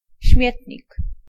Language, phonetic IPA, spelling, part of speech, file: Polish, [ˈɕmʲjɛtʲɲik], śmietnik, noun, Pl-śmietnik.ogg